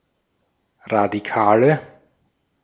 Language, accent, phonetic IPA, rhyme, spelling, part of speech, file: German, Austria, [ʁadiˈkaːlə], -aːlə, Radikale, noun, De-at-Radikale.ogg
- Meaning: nominative/accusative/genitive plural of Radikaler